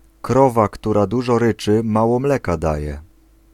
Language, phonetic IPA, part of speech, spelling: Polish, [ˈkrɔva ˈktura ˈduʒɔ ˈrɨt͡ʃɨ ˈmawɔ ˈmlɛka ˈdajɛ], proverb, krowa, która dużo ryczy, mało mleka daje